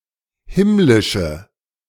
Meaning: inflection of himmlisch: 1. strong/mixed nominative/accusative feminine singular 2. strong nominative/accusative plural 3. weak nominative all-gender singular
- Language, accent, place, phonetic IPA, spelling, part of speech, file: German, Germany, Berlin, [ˈhɪmlɪʃə], himmlische, adjective, De-himmlische.ogg